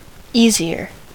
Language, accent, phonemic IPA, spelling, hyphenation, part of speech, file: English, US, /ˈi.zi.ɚ/, easier, ea‧si‧er, adjective / adverb, En-us-easier.ogg
- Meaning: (adjective) comparative form of easy: more easy; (adverb) more easily